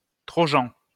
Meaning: trojan, Trojan horse (computing)
- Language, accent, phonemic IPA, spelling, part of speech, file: French, France, /tʁɔ.ʒɑ̃/, trojan, noun, LL-Q150 (fra)-trojan.wav